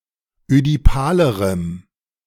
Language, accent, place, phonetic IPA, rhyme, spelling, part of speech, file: German, Germany, Berlin, [ødiˈpaːləʁəm], -aːləʁəm, ödipalerem, adjective, De-ödipalerem.ogg
- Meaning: strong dative masculine/neuter singular comparative degree of ödipal